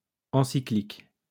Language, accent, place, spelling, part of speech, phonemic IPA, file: French, France, Lyon, encyclique, adjective / noun, /ɑ̃.si.klik/, LL-Q150 (fra)-encyclique.wav
- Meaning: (adjective) encyclical